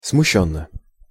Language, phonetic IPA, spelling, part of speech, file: Russian, [smʊˈɕːɵnːə], смущённо, adverb, Ru-смущённо.ogg
- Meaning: confusedly, embarrassedly